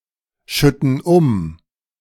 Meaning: inflection of umschütten: 1. first/third-person plural present 2. first/third-person plural subjunctive I
- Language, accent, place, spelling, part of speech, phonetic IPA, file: German, Germany, Berlin, schütten um, verb, [ˌʃʏtn̩ ˈʊm], De-schütten um.ogg